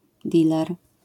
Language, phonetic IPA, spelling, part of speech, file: Polish, [ˈdʲilɛr], diler, noun, LL-Q809 (pol)-diler.wav